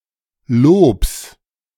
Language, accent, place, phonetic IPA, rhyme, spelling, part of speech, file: German, Germany, Berlin, [loːps], -oːps, Lobs, noun, De-Lobs.ogg
- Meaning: 1. genitive singular of Lob n 2. genitive singular of Lob m 3. nominative/genitive/dative/accusative plural of Lob m